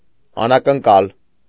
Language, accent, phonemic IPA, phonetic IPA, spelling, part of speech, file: Armenian, Eastern Armenian, /ɑnɑkənˈkɑl/, [ɑnɑkəŋkɑ́l], անակնկալ, adjective / noun, Hy-անակնկալ.ogg
- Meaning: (adjective) unexpected, unforeseen, sudden; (noun) surprise